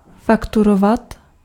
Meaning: to invoice
- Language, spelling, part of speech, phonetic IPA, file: Czech, fakturovat, verb, [ˈfakturovat], Cs-fakturovat.ogg